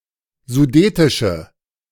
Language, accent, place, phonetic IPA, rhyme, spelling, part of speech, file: German, Germany, Berlin, [zuˈdeːtɪʃə], -eːtɪʃə, sudetische, adjective, De-sudetische.ogg
- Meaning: inflection of sudetisch: 1. strong/mixed nominative/accusative feminine singular 2. strong nominative/accusative plural 3. weak nominative all-gender singular